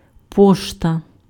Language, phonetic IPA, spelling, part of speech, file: Ukrainian, [ˈpɔʃtɐ], пошта, noun, Uk-пошта.ogg
- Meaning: 1. mail, post 2. post office